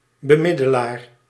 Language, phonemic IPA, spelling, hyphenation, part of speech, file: Dutch, /bəˈmɪ.dəˌlaːr/, bemiddelaar, be‧mid‧de‧laar, noun, Nl-bemiddelaar.ogg
- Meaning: a mediator, one who mediates